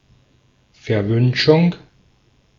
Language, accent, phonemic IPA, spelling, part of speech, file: German, Austria, /fɛɐ̯ˈvʏnʃʊŋ/, Verwünschung, noun, De-at-Verwünschung.ogg
- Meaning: malediction, curse